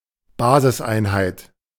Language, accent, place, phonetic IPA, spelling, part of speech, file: German, Germany, Berlin, [ˈbaːzɪsˌʔaɪ̯nhaɪ̯t], Basiseinheit, noun, De-Basiseinheit.ogg
- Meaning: base unit